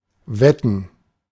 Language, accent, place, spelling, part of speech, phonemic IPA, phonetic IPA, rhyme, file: German, Germany, Berlin, wetten, verb, /ˈvɛtən/, [ˈvɛtn̩], -ɛtn̩, De-wetten.ogg
- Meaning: 1. to bet 2. to bet, guess (that something is the case with certainty)